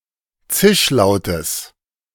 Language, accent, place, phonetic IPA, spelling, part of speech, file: German, Germany, Berlin, [ˈt͡sɪʃˌlaʊ̯təs], Zischlautes, noun, De-Zischlautes.ogg
- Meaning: genitive of Zischlaut